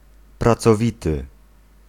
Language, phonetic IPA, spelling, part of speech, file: Polish, [ˌprat͡sɔˈvʲitɨ], pracowity, adjective, Pl-pracowity.ogg